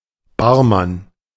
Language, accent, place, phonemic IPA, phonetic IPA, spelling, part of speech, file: German, Germany, Berlin, /ˈbaːʁˌman/, [ˈbaː(ɐ̯)ˌman], Barmann, noun, De-Barmann.ogg
- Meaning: barman, barkeeper, bartender (one who prepares drinks at a bar; male or of unspecified gender)